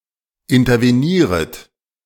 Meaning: second-person plural subjunctive I of intervenieren
- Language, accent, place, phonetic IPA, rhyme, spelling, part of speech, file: German, Germany, Berlin, [ɪntɐveˈniːʁət], -iːʁət, intervenieret, verb, De-intervenieret.ogg